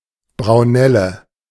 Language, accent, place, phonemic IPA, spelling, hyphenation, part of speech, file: German, Germany, Berlin, /bʀaʊ̯ˈnɛlə/, Braunelle, Brau‧nel‧le, noun, De-Braunelle.ogg
- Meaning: 1. accentor (bird of the genus Prunella), especially the dunnock (Prunella modularis) 2. heal-all (plant of the genus Prunella) 3. burnet (Sanguisorba minor, a plant in the family Rosaceae)